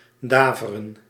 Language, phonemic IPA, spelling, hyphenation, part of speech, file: Dutch, /ˈdaːvərə(n)/, daveren, da‧ve‧ren, verb, Nl-daveren.ogg
- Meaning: 1. to boom, to roar 2. to shake, to tremble